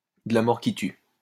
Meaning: killer, awesome, that kicks ass
- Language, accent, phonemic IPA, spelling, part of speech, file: French, France, /də la mɔʁ ki ty/, de la mort qui tue, adjective, LL-Q150 (fra)-de la mort qui tue.wav